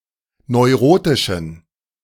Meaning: inflection of neurotisch: 1. strong genitive masculine/neuter singular 2. weak/mixed genitive/dative all-gender singular 3. strong/weak/mixed accusative masculine singular 4. strong dative plural
- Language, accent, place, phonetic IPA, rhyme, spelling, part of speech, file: German, Germany, Berlin, [nɔɪ̯ˈʁoːtɪʃn̩], -oːtɪʃn̩, neurotischen, adjective, De-neurotischen.ogg